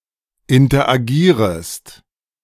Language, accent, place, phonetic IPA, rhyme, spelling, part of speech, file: German, Germany, Berlin, [ɪntɐʔaˈɡiːʁəst], -iːʁəst, interagierest, verb, De-interagierest.ogg
- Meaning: second-person singular subjunctive I of interagieren